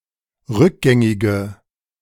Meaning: inflection of rückgängig: 1. strong/mixed nominative/accusative feminine singular 2. strong nominative/accusative plural 3. weak nominative all-gender singular
- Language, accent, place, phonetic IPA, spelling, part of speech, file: German, Germany, Berlin, [ˈʁʏkˌɡɛŋɪɡə], rückgängige, adjective, De-rückgängige.ogg